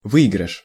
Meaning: 1. win, winning 2. gain, benefit 3. winnings, prize, profit
- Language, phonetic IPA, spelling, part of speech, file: Russian, [ˈvɨɪɡrɨʂ], выигрыш, noun, Ru-выигрыш.ogg